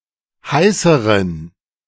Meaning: inflection of heiß: 1. strong genitive masculine/neuter singular comparative degree 2. weak/mixed genitive/dative all-gender singular comparative degree
- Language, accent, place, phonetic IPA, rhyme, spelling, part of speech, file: German, Germany, Berlin, [ˈhaɪ̯səʁən], -aɪ̯səʁən, heißeren, adjective, De-heißeren.ogg